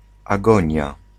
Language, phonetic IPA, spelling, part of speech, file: Polish, [aˈɡɔ̃ɲja], agonia, noun, Pl-agonia.ogg